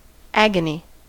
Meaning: 1. Extreme pain or anguish 2. The sufferings of Jesus Christ in the Garden of Gethsemane (often capitalized) 3. Violent contest or striving 4. Paroxysm of joy; keen emotion
- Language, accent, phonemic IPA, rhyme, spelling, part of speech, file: English, US, /ˈæɡ.ə.ni/, -æɡəni, agony, noun, En-us-agony.ogg